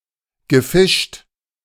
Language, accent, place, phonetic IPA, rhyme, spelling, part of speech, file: German, Germany, Berlin, [ɡəˈfɪʃt], -ɪʃt, gefischt, verb, De-gefischt.ogg
- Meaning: past participle of fischen